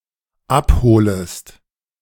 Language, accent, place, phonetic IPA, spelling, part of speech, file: German, Germany, Berlin, [ˈapˌhoːləst], abholest, verb, De-abholest.ogg
- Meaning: second-person singular dependent subjunctive I of abholen